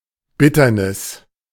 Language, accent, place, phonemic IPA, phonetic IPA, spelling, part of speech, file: German, Germany, Berlin, /ˈbɪtərnɪs/, [ˈbɪtɐnɪs], Bitternis, noun, De-Bitternis.ogg
- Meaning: 1. alternative form of Bitterkeit (“bitter taste, bitter feeling”) 2. distress, misery, sorrow